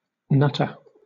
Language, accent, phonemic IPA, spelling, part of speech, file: English, Southern England, /ˈnʌtə/, nutter, noun, LL-Q1860 (eng)-nutter.wav
- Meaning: 1. A person who gathers nuts 2. An eccentric, insane, crazy or reckless person 3. nut butter